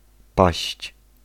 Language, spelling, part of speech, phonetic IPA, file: Polish, paść, verb / noun, [paɕt͡ɕ], Pl-paść.ogg